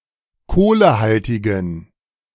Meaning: strong dative masculine/neuter singular of kohlehaltig
- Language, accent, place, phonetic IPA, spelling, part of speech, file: German, Germany, Berlin, [ˈkoːləˌhaltɪɡəm], kohlehaltigem, adjective, De-kohlehaltigem.ogg